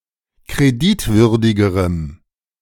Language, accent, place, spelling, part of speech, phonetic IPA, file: German, Germany, Berlin, kreditwürdigerem, adjective, [kʁeˈdɪtˌvʏʁdɪɡəʁəm], De-kreditwürdigerem.ogg
- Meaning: strong dative masculine/neuter singular comparative degree of kreditwürdig